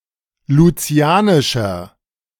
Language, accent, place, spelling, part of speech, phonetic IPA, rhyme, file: German, Germany, Berlin, lucianischer, adjective, [luˈt͡si̯aːnɪʃɐ], -aːnɪʃɐ, De-lucianischer.ogg
- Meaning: 1. comparative degree of lucianisch 2. inflection of lucianisch: strong/mixed nominative masculine singular 3. inflection of lucianisch: strong genitive/dative feminine singular